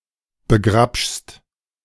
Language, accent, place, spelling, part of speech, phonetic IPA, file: German, Germany, Berlin, begrabschst, verb, [bəˈɡʁapʃst], De-begrabschst.ogg
- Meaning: second-person singular present of begrabschen